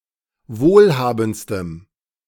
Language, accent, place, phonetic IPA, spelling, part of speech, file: German, Germany, Berlin, [ˈvoːlˌhaːbn̩t͡stəm], wohlhabendstem, adjective, De-wohlhabendstem.ogg
- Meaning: strong dative masculine/neuter singular superlative degree of wohlhabend